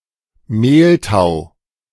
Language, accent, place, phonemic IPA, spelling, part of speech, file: German, Germany, Berlin, /ˈmeːlˌtaʊ̯/, Mehltau, noun, De-Mehltau.ogg
- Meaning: mildew